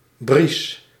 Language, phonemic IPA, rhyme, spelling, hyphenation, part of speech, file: Dutch, /bris/, -is, bries, bries, noun / verb, Nl-bries.ogg
- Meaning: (noun) breeze (gentle wind); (verb) inflection of briesen: 1. first-person singular present indicative 2. second-person singular present indicative 3. imperative